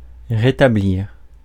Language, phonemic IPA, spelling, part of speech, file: French, /ʁe.ta.bliʁ/, rétablir, verb, Fr-rétablir.ogg
- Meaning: 1. to restore 2. to reestablish